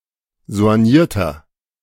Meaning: inflection of soigniert: 1. strong/mixed nominative masculine singular 2. strong genitive/dative feminine singular 3. strong genitive plural
- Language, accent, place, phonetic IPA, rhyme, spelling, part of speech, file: German, Germany, Berlin, [zo̯anˈjiːɐ̯tɐ], -iːɐ̯tɐ, soignierter, adjective, De-soignierter.ogg